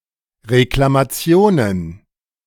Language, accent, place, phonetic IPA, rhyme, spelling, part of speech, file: German, Germany, Berlin, [ʁeklamaˈt͡si̯oːnən], -oːnən, Reklamationen, noun, De-Reklamationen.ogg
- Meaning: plural of Reklamation